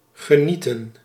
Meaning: 1. to enjoy oneself, to have a pleasant experience 2. to enjoy 3. to enjoy, to use or benefit from
- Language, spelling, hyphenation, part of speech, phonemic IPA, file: Dutch, genieten, ge‧nie‧ten, verb, /ɣəˈnitə(n)/, Nl-genieten.ogg